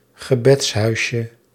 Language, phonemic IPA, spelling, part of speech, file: Dutch, /ɣəˈbɛtshœyʃə/, gebedshuisje, noun, Nl-gebedshuisje.ogg
- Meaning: diminutive of gebedshuis